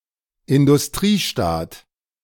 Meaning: industrialized country
- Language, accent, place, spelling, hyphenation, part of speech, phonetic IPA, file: German, Germany, Berlin, Industriestaat, In‧dus‧t‧rie‧staat, noun, [ɪndʊsˈtʁiːˌʃtaːt], De-Industriestaat.ogg